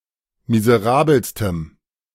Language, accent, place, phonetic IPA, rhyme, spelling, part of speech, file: German, Germany, Berlin, [mizəˈʁaːbl̩stəm], -aːbl̩stəm, miserabelstem, adjective, De-miserabelstem.ogg
- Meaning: strong dative masculine/neuter singular superlative degree of miserabel